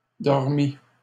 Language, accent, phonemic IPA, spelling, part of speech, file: French, Canada, /dɔʁ.mi/, dormît, verb, LL-Q150 (fra)-dormît.wav
- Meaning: third-person singular imperfect subjunctive of dormir